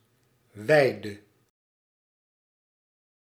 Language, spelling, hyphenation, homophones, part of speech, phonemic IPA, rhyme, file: Dutch, weide, wei‧de, wijde, noun, /ˈʋɛi̯.də/, -ɛi̯də, Nl-weide.ogg
- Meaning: pasture